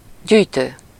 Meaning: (verb) present participle of gyűjt; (adjective) gathering, collecting; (noun) collector
- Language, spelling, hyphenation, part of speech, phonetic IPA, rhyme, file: Hungarian, gyűjtő, gyűj‧tő, verb / adjective / noun, [ˈɟyːjtøː], -tøː, Hu-gyűjtő.ogg